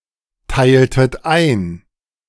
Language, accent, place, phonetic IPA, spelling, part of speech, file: German, Germany, Berlin, [ˌtaɪ̯ltət ˈaɪ̯n], teiltet ein, verb, De-teiltet ein.ogg
- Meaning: inflection of einteilen: 1. second-person plural preterite 2. second-person plural subjunctive II